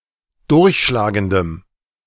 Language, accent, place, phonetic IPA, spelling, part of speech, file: German, Germany, Berlin, [ˈdʊʁçʃlaːɡəndəm], durchschlagendem, adjective, De-durchschlagendem.ogg
- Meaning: strong dative masculine/neuter singular of durchschlagend